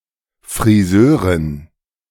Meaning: alternative spelling of Friseurin
- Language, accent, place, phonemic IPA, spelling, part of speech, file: German, Germany, Berlin, /fʁiˈzøːʁɪn/, Frisörin, noun, De-Frisörin.ogg